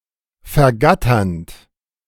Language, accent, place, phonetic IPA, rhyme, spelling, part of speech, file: German, Germany, Berlin, [fɛɐ̯ˈɡatɐnt], -atɐnt, vergatternd, verb, De-vergatternd.ogg
- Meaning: present participle of vergattern